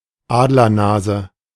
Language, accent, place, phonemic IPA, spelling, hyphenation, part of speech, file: German, Germany, Berlin, /ˈaːdlɐˌnaːzə/, Adlernase, Ad‧ler‧na‧se, noun, De-Adlernase.ogg
- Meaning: aquiline nose